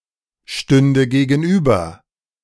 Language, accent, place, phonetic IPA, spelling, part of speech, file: German, Germany, Berlin, [ˌʃtʏndə ɡeːɡn̩ˈʔyːbɐ], stünde gegenüber, verb, De-stünde gegenüber.ogg
- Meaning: first/third-person singular subjunctive II of gegenüberstehen